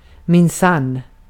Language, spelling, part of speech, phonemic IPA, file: Swedish, minsann, adverb / interjection, /mɪnˈsanː/, Sv-minsann.ogg
- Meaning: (adverb) certainly, indeed, surely, for sure (in truth, emphasizing a statement); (interjection) I see (when acknowledging something felt to be significant)